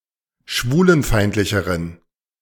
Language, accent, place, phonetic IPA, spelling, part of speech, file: German, Germany, Berlin, [ˈʃvuːlənˌfaɪ̯ntlɪçəʁən], schwulenfeindlicheren, adjective, De-schwulenfeindlicheren.ogg
- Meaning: inflection of schwulenfeindlich: 1. strong genitive masculine/neuter singular comparative degree 2. weak/mixed genitive/dative all-gender singular comparative degree